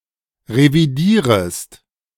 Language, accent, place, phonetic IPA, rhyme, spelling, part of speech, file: German, Germany, Berlin, [ʁeviˈdiːʁəst], -iːʁəst, revidierest, verb, De-revidierest.ogg
- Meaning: second-person singular subjunctive I of revidieren